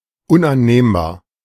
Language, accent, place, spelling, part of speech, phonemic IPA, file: German, Germany, Berlin, unannehmbar, adjective, /ʊnʔanˈneːmbaːɐ̯/, De-unannehmbar.ogg
- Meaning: unacceptable